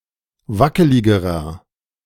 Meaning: inflection of wackelig: 1. strong/mixed nominative masculine singular comparative degree 2. strong genitive/dative feminine singular comparative degree 3. strong genitive plural comparative degree
- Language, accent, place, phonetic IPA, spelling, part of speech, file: German, Germany, Berlin, [ˈvakəlɪɡəʁɐ], wackeligerer, adjective, De-wackeligerer.ogg